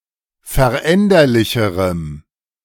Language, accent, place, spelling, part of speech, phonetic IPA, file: German, Germany, Berlin, veränderlicherem, adjective, [fɛɐ̯ˈʔɛndɐlɪçəʁəm], De-veränderlicherem.ogg
- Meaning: strong dative masculine/neuter singular comparative degree of veränderlich